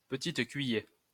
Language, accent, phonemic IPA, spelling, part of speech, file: French, France, /pə.tit kɥi.jɛʁ/, petite cuiller, noun, LL-Q150 (fra)-petite cuiller.wav
- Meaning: alternative spelling of petite cuillère